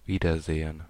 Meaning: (noun) reunion; seeing again; instance of seeing someone or each other again; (interjection) alternative form of auf Wiedersehen
- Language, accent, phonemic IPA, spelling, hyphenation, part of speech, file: German, Germany, /ˈviːdɐˌzeː(ə)n/, Wiedersehen, Wie‧der‧se‧hen, noun / interjection, De-Wiedersehen.ogg